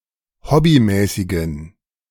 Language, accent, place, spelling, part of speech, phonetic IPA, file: German, Germany, Berlin, hobbymäßigen, adjective, [ˈhɔbiˌmɛːsɪɡn̩], De-hobbymäßigen.ogg
- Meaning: inflection of hobbymäßig: 1. strong genitive masculine/neuter singular 2. weak/mixed genitive/dative all-gender singular 3. strong/weak/mixed accusative masculine singular 4. strong dative plural